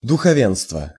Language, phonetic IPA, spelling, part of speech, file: Russian, [dʊxɐˈvʲenstvə], духовенство, noun, Ru-духовенство.ogg
- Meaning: clergy, priesthood